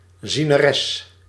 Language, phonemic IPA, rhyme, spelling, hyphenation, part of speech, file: Dutch, /zinəˈrɛs/, -ɛs, zieneres, zie‧ne‧res, noun, Nl-zieneres.ogg
- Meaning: female prophet